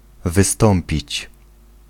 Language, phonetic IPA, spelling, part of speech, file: Polish, [vɨˈstɔ̃mpʲit͡ɕ], wystąpić, verb, Pl-wystąpić.ogg